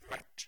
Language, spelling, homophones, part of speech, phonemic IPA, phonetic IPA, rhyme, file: Norwegian Bokmål, vært, hvert / verdt / vert, verb, /ʋɛrt/, [ʋæʈː], -ɛrt, No-vært.ogg
- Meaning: past participle of være